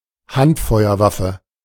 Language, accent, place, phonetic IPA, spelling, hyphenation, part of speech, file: German, Germany, Berlin, [ˈhantˌfɔʏ̯ɐˌvafə], Handfeuerwaffe, Hand‧feu‧er‧waf‧fe, noun, De-Handfeuerwaffe.ogg
- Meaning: a gun that can be carried and operated using just the hands, like a pistol or a rifle